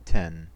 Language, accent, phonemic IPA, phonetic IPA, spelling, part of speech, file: English, US, /tɛn/, [tʰɛn], ten, numeral / noun, En-us-ten.ogg
- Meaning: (numeral) The number occurring after nine and before eleven, represented in Arabic numerals (base ten) as 10 and in Roman numerals as X; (noun) A set or group with ten elements